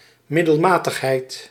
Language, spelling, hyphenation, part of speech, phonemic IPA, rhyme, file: Dutch, middelmatigheid, mid‧del‧ma‧tig‧heid, noun, /mɪdəlˈmaːtəxˌɦɛi̯t/, -ɛi̯t, Nl-middelmatigheid.ogg
- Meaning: 1. mediocrity: being mediocre 2. the quality of being at the golden mean